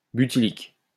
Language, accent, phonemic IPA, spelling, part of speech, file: French, France, /by.ti.lik/, butylique, adjective, LL-Q150 (fra)-butylique.wav
- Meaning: butylic